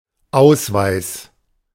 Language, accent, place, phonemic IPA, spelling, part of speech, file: German, Germany, Berlin, /ˈʔaʊ̯svaɪ̯s/, Ausweis, noun, De-Ausweis.ogg
- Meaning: identity document; identity card, ID card (a card or badge showing the official identity of the bearer)